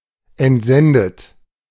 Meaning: past participle of entsenden
- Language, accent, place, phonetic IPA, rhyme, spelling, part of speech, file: German, Germany, Berlin, [ɛntˈzɛndət], -ɛndət, entsendet, verb, De-entsendet.ogg